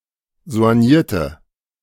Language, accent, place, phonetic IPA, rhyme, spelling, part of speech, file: German, Germany, Berlin, [zo̯anˈjiːɐ̯tə], -iːɐ̯tə, soignierte, adjective, De-soignierte.ogg
- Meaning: inflection of soigniert: 1. strong/mixed nominative/accusative feminine singular 2. strong nominative/accusative plural 3. weak nominative all-gender singular